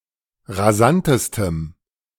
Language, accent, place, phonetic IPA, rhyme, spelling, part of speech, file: German, Germany, Berlin, [ʁaˈzantəstəm], -antəstəm, rasantestem, adjective, De-rasantestem.ogg
- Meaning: strong dative masculine/neuter singular superlative degree of rasant